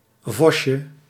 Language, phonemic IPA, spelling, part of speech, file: Dutch, /ˈvɔʃə/, vosje, noun, Nl-vosje.ogg
- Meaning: diminutive of vos